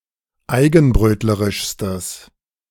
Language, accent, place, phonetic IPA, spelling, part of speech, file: German, Germany, Berlin, [ˈaɪ̯ɡn̩ˌbʁøːtləʁɪʃstəs], eigenbrötlerischstes, adjective, De-eigenbrötlerischstes.ogg
- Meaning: strong/mixed nominative/accusative neuter singular superlative degree of eigenbrötlerisch